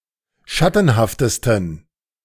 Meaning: 1. superlative degree of schattenhaft 2. inflection of schattenhaft: strong genitive masculine/neuter singular superlative degree
- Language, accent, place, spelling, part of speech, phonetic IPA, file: German, Germany, Berlin, schattenhaftesten, adjective, [ˈʃatn̩haftəstn̩], De-schattenhaftesten.ogg